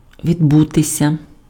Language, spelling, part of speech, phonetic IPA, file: Ukrainian, відбутися, verb, [ʋʲidˈbutesʲɐ], Uk-відбутися.ogg
- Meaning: to happen, to occur, to take place, to come about, to be held (for example, an event--a meeting, an inspection, funeral services)